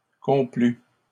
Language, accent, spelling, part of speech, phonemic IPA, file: French, Canada, complut, verb, /kɔ̃.ply/, LL-Q150 (fra)-complut.wav
- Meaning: third-person singular past historic of complaire